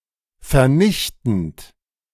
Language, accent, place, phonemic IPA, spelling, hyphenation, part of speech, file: German, Germany, Berlin, /fɛɐ̯ˈnɪçtn̩t/, vernichtend, ver‧nich‧tend, verb / adjective, De-vernichtend.ogg
- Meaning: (verb) present participle of vernichten; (adjective) crushing, devastating, destroying, withering